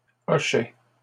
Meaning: plural of hochet
- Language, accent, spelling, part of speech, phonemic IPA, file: French, Canada, hochets, noun, /ɔ.ʃɛ/, LL-Q150 (fra)-hochets.wav